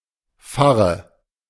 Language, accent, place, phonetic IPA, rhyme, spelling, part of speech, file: German, Germany, Berlin, [ˈfaʁə], -aʁə, Farre, noun, De-Farre.ogg
- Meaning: young bull